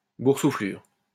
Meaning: 1. swelling 2. blister 3. pomposity
- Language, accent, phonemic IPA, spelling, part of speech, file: French, France, /buʁ.su.flyʁ/, boursouflure, noun, LL-Q150 (fra)-boursouflure.wav